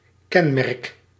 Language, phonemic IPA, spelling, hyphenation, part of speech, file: Dutch, /ˈkɛnˌmɛrk/, kenmerk, ken‧merk, noun / verb, Nl-kenmerk.ogg
- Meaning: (noun) 1. characteristic 2. reference number; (verb) inflection of kenmerken: 1. first-person singular present indicative 2. second-person singular present indicative 3. imperative